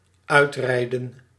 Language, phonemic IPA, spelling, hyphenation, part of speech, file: Dutch, /ˈœy̯trɛi̯(d)ə(n)/, uitrijden, uit‧rij‧den, verb, Nl-uitrijden.ogg
- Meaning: 1. to ride or drive out of something 2. to spread while driving